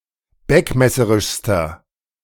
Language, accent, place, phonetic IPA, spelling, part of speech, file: German, Germany, Berlin, [ˈbɛkmɛsəʁɪʃstɐ], beckmesserischster, adjective, De-beckmesserischster.ogg
- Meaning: inflection of beckmesserisch: 1. strong/mixed nominative masculine singular superlative degree 2. strong genitive/dative feminine singular superlative degree